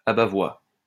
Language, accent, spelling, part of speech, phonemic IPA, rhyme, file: French, France, abat-voix, noun, /a.ba.vwa/, -a, LL-Q150 (fra)-abat-voix.wav
- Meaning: abatvoix